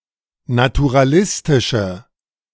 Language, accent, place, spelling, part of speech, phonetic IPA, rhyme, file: German, Germany, Berlin, naturalistische, adjective, [natuʁaˈlɪstɪʃə], -ɪstɪʃə, De-naturalistische.ogg
- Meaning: inflection of naturalistisch: 1. strong/mixed nominative/accusative feminine singular 2. strong nominative/accusative plural 3. weak nominative all-gender singular